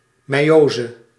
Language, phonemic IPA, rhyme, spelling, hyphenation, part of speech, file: Dutch, /mɛi̯ˈoːzə/, -oːzə, meiose, mei‧o‧se, noun, Nl-meiose.ogg
- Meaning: the process of meiosis, reductive cell division